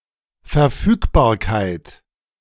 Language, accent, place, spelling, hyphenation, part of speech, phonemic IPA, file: German, Germany, Berlin, Verfügbarkeit, Ver‧füg‧bar‧keit, noun, /fɛɐ̯ˈfyːkbaːɐ̯kaɪ̯t/, De-Verfügbarkeit.ogg
- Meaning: 1. availability, the being there to be utilized 2. disposability, the quality of being something that can be waived or encumbered